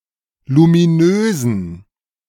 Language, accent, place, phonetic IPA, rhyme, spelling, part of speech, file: German, Germany, Berlin, [lumiˈnøːzn̩], -øːzn̩, luminösen, adjective, De-luminösen.ogg
- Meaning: inflection of luminös: 1. strong genitive masculine/neuter singular 2. weak/mixed genitive/dative all-gender singular 3. strong/weak/mixed accusative masculine singular 4. strong dative plural